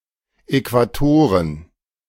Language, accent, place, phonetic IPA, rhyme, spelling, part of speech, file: German, Germany, Berlin, [ɛkvaˈtoːʁən], -oːʁən, Äquatoren, noun, De-Äquatoren.ogg
- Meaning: plural of Äquator